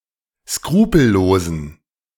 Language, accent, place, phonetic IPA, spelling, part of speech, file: German, Germany, Berlin, [ˈskʁuːpl̩ˌloːzn̩], skrupellosen, adjective, De-skrupellosen.ogg
- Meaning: inflection of skrupellos: 1. strong genitive masculine/neuter singular 2. weak/mixed genitive/dative all-gender singular 3. strong/weak/mixed accusative masculine singular 4. strong dative plural